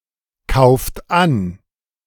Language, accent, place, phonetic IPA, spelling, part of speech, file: German, Germany, Berlin, [ˌkaʊ̯ft ˈan], kauft an, verb, De-kauft an.ogg
- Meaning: inflection of ankaufen: 1. second-person plural present 2. third-person singular present 3. plural imperative